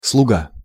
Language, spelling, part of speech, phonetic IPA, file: Russian, слуга, noun, [sɫʊˈɡa], Ru-слуга.ogg
- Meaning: 1. servant 2. clothes valet